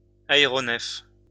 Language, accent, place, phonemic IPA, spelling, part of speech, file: French, France, Lyon, /a.e.ʁɔ.nɛf/, aéronefs, noun, LL-Q150 (fra)-aéronefs.wav
- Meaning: plural of aéronef